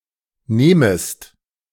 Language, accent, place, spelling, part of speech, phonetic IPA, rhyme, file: German, Germany, Berlin, nehmest, verb, [ˈneːməst], -eːməst, De-nehmest.ogg
- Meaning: second-person singular subjunctive I of nehmen